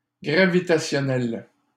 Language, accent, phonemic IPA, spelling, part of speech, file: French, Canada, /ɡʁa.vi.ta.sjɔ.nɛl/, gravitationnel, adjective, LL-Q150 (fra)-gravitationnel.wav
- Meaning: gravitational